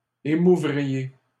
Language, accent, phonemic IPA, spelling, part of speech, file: French, Canada, /e.mu.vʁi.je/, émouvriez, verb, LL-Q150 (fra)-émouvriez.wav
- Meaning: second-person plural conditional of émouvoir